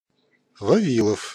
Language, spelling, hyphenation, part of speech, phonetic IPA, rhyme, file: Russian, Вавилов, Ва‧ви‧лов, proper noun, [vɐˈvʲiɫəf], -iɫəf, Ru-Вавилов.ogg
- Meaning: a surname, Vavilov; particularly, a Soviet physicist who co-discovered the Vavilov-Cherenkov radiation in 1934 Sergey Vavilov, 24 March, 1891 – 25 January, 1951